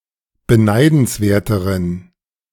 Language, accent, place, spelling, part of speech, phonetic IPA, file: German, Germany, Berlin, beneidenswerteren, adjective, [bəˈnaɪ̯dn̩sˌveːɐ̯təʁən], De-beneidenswerteren.ogg
- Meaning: inflection of beneidenswert: 1. strong genitive masculine/neuter singular comparative degree 2. weak/mixed genitive/dative all-gender singular comparative degree